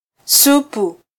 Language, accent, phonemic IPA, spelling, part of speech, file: Swahili, Kenya, /ˈsu.pu/, supu, noun, Sw-ke-supu.flac
- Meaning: soup